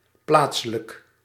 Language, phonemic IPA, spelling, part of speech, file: Dutch, /ˈplatsələk/, plaatselijk, adjective, Nl-plaatselijk.ogg
- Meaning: local